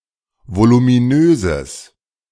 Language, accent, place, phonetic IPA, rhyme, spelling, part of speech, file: German, Germany, Berlin, [volumiˈnøːzəs], -øːzəs, voluminöses, adjective, De-voluminöses.ogg
- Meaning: strong/mixed nominative/accusative neuter singular of voluminös